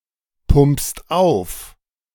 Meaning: second-person singular present of aufpumpen
- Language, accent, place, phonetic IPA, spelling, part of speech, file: German, Germany, Berlin, [ˌpʊmpst ˈaʊ̯f], pumpst auf, verb, De-pumpst auf.ogg